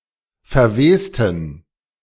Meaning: inflection of verwesen: 1. first/third-person plural preterite 2. first/third-person plural subjunctive II
- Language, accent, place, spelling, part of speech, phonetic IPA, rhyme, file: German, Germany, Berlin, verwesten, adjective / verb, [fɛɐ̯ˈveːstn̩], -eːstn̩, De-verwesten.ogg